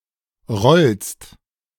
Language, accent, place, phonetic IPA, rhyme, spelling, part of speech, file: German, Germany, Berlin, [ʁɔlst], -ɔlst, rollst, verb, De-rollst.ogg
- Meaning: second-person singular present of rollen